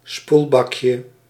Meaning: diminutive of spoelbak
- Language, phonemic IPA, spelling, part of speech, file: Dutch, /ˈspulbɑkjə/, spoelbakje, noun, Nl-spoelbakje.ogg